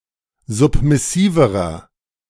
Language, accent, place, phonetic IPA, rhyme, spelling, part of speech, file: German, Germany, Berlin, [ˌzʊpmɪˈsiːvəʁɐ], -iːvəʁɐ, submissiverer, adjective, De-submissiverer.ogg
- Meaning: inflection of submissiv: 1. strong/mixed nominative masculine singular comparative degree 2. strong genitive/dative feminine singular comparative degree 3. strong genitive plural comparative degree